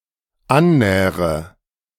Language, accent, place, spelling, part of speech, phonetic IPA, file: German, Germany, Berlin, annähre, verb, [ˈanˌnɛːʁə], De-annähre.ogg
- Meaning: inflection of annähern: 1. first-person singular dependent present 2. first/third-person singular dependent subjunctive I